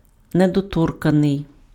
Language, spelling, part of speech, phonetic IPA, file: Ukrainian, недоторканий, adjective, [nedɔˈtɔrkɐnei̯], Uk-недоторканий.ogg
- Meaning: 1. untouched 2. pure, clean, chaste 3. touchy, oversensitive